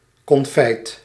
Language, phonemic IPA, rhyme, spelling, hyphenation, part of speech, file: Dutch, /kɔnˈfɛi̯t/, -ɛi̯t, konfijt, kon‧fijt, noun, Nl-konfijt.ogg
- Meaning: confit preserved with sugar, usually fruits